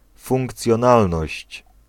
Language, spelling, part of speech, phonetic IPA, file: Polish, funkcjonalność, noun, [ˌfũŋkt͡sʲjɔ̃ˈnalnɔɕt͡ɕ], Pl-funkcjonalność.ogg